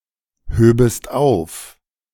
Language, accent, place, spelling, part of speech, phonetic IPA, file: German, Germany, Berlin, höbest auf, verb, [ˌhøːbəst ˈaʊ̯f], De-höbest auf.ogg
- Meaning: second-person singular subjunctive II of aufheben